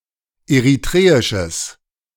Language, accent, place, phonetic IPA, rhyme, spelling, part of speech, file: German, Germany, Berlin, [eʁiˈtʁeːɪʃəs], -eːɪʃəs, eritreisches, adjective, De-eritreisches.ogg
- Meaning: strong/mixed nominative/accusative neuter singular of eritreisch